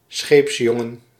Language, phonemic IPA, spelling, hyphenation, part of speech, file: Dutch, /ˈsxepsjɔŋən/, scheepsjongen, scheeps‧jon‧gen, noun, Nl-scheepsjongen.ogg
- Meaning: a cabin boy, junior ship's crew member, apprentice sailor